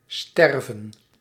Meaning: to die
- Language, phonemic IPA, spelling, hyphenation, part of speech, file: Dutch, /ˈstɛrvə(n)/, sterven, ster‧ven, verb, Nl-sterven.ogg